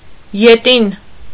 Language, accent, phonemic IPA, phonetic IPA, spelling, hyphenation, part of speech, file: Armenian, Eastern Armenian, /jeˈtin/, [jetín], ետին, ե‧տին, adjective, Hy-ետին.ogg
- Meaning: alternative form of հետին (hetin)